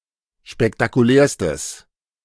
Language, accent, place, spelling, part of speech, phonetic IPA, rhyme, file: German, Germany, Berlin, spektakulärstes, adjective, [ʃpɛktakuˈlɛːɐ̯stəs], -ɛːɐ̯stəs, De-spektakulärstes.ogg
- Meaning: strong/mixed nominative/accusative neuter singular superlative degree of spektakulär